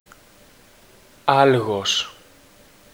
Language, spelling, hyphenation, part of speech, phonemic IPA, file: Greek, άλγος, άλ‧γος, noun, /ˈalɣos/, Ell-Algos.ogg
- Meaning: pain